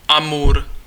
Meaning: Amur (long river forming the border between the Far East of Russia and Northeastern China)
- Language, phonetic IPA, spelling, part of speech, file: Czech, [ˈamur], Amur, proper noun, Cs-Amur.ogg